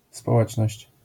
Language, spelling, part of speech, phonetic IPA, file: Polish, społeczność, noun, [spɔˈwɛt͡ʃnɔɕt͡ɕ], LL-Q809 (pol)-społeczność.wav